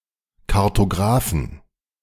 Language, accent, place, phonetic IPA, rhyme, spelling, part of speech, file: German, Germany, Berlin, [kaʁtoˈɡʁaːfn̩], -aːfn̩, Kartographen, noun, De-Kartographen.ogg
- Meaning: inflection of Kartograph: 1. genitive/dative/accusative singular 2. nominative/genitive/dative/accusative plural